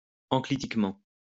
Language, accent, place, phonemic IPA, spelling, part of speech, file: French, France, Lyon, /ɑ̃.kli.tik.mɑ̃/, enclitiquement, adverb, LL-Q150 (fra)-enclitiquement.wav
- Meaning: enclitically